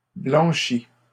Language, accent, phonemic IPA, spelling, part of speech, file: French, Canada, /blɑ̃.ʃi/, blanchi, verb, LL-Q150 (fra)-blanchi.wav
- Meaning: past participle of blanchir